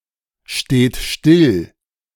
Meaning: inflection of stillstehen: 1. third-person singular present 2. second-person plural present 3. plural imperative
- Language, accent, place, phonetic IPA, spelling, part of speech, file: German, Germany, Berlin, [ˌʃteːt ˈʃtɪl], steht still, verb, De-steht still.ogg